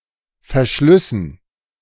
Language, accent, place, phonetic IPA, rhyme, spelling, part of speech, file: German, Germany, Berlin, [fɛɐ̯ˈʃlʏsn̩], -ʏsn̩, Verschlüssen, noun, De-Verschlüssen.ogg
- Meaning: dative plural of Verschluss